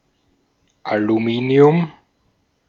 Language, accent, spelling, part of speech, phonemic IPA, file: German, Austria, Aluminium, noun, /aluˈmiːni̯ʊm/, De-at-Aluminium.ogg
- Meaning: 1. aluminium (atomic number 13) 2. woodwork, the post or crossbar of a goal